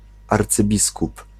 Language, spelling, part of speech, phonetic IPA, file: Polish, arcybiskup, noun, [ˌart͡sɨˈbʲiskup], Pl-arcybiskup.ogg